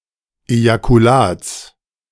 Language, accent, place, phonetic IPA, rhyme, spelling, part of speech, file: German, Germany, Berlin, [ˌejakuˈlaːt͡s], -aːt͡s, Ejakulats, noun, De-Ejakulats.ogg
- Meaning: genitive singular of Ejakulat